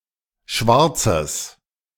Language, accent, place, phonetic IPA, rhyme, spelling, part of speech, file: German, Germany, Berlin, [ˈʃvaʁt͡səs], -aʁt͡səs, Schwarzes, noun, De-Schwarzes.ogg
- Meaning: genitive singular of Schwarz